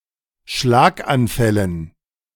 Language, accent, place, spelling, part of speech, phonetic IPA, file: German, Germany, Berlin, Schlaganfällen, noun, [ˈʃlaːkʔanˌfɛlən], De-Schlaganfällen.ogg
- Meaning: dative plural of Schlaganfall